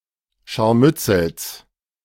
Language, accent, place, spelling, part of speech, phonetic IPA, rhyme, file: German, Germany, Berlin, Scharmützels, noun, [ˌʃaʁˈmʏt͡sl̩s], -ʏt͡sl̩s, De-Scharmützels.ogg
- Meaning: genitive singular of Scharmützel